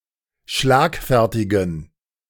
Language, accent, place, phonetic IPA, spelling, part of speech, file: German, Germany, Berlin, [ˈʃlaːkˌfɛʁtɪɡn̩], schlagfertigen, adjective, De-schlagfertigen.ogg
- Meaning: inflection of schlagfertig: 1. strong genitive masculine/neuter singular 2. weak/mixed genitive/dative all-gender singular 3. strong/weak/mixed accusative masculine singular 4. strong dative plural